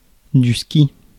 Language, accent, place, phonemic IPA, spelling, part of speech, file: French, France, Paris, /ski/, ski, noun, Fr-ski.ogg
- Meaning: 1. ski 2. skiing (sport)